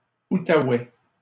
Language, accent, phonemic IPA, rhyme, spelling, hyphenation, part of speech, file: French, Canada, /u.ta.wɛ/, -ɛ, Outaouais, Ou‧ta‧ouais, proper noun, LL-Q150 (fra)-Outaouais.wav
- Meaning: Outaouais (a region in western Quebec, Canada, bordering the Ottawa river)